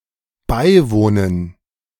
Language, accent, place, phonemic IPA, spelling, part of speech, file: German, Germany, Berlin, /ˈbaɪ̯ˌvoːnən/, beiwohnen, verb, De-beiwohnen.ogg
- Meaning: 1. to attend; to be present 2. to sleep (with); to cohabit; to have sexual intercourse